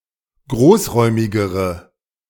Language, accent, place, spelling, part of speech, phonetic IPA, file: German, Germany, Berlin, großräumigere, adjective, [ˈɡʁoːsˌʁɔɪ̯mɪɡəʁə], De-großräumigere.ogg
- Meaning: inflection of großräumig: 1. strong/mixed nominative/accusative feminine singular comparative degree 2. strong nominative/accusative plural comparative degree